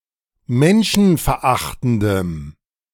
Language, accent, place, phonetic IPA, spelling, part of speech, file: German, Germany, Berlin, [ˈmɛnʃn̩fɛɐ̯ˌʔaxtn̩dəm], menschenverachtendem, adjective, De-menschenverachtendem.ogg
- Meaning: strong dative masculine/neuter singular of menschenverachtend